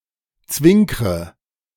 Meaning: inflection of zwinkern: 1. first-person singular present 2. first/third-person singular subjunctive I 3. singular imperative
- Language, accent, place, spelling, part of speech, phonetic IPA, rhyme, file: German, Germany, Berlin, zwinkre, verb, [ˈt͡svɪŋkʁə], -ɪŋkʁə, De-zwinkre.ogg